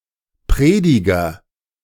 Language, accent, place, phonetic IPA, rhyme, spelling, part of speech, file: German, Germany, Berlin, [ˈpʁeːdɪɡɐ], -eːdɪɡɐ, Prediger, noun, De-Prediger.ogg
- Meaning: 1. preacher 2. Ecclesiastes